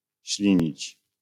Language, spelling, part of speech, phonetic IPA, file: Polish, ślinić, verb, [ˈɕlʲĩɲit͡ɕ], LL-Q809 (pol)-ślinić.wav